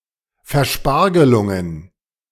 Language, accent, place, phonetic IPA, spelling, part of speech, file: German, Germany, Berlin, [fɛɐ̯ˈʃpaʁɡəlʊŋən], Verspargelungen, noun, De-Verspargelungen.ogg
- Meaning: plural of Verspargelung